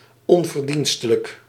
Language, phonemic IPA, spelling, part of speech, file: Dutch, /ˌɔn.vərˈdin.stə.lək/, onverdienstelijk, adjective, Nl-onverdienstelijk.ogg
- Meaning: undeserving, unworthy